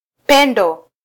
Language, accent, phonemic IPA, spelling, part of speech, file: Swahili, Kenya, /ˈpɛ.ⁿdɔ/, pendo, noun, Sw-ke-pendo.flac
- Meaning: alternative form of upendo